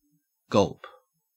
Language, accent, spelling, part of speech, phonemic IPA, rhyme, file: English, Australia, gulp, noun / verb / interjection, /ɡʌlp/, -ʌlp, En-au-gulp.ogg
- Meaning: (noun) 1. The usual amount swallowed 2. The sound of swallowing, sometimes indicating fear 3. An unspecified small number of bytes, often two